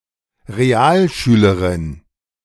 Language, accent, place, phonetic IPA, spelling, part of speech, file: German, Germany, Berlin, [ʁeˈaːlˌʃyːləʁɪn], Realschülerin, noun, De-Realschülerin.ogg
- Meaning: female equivalent of Realschüler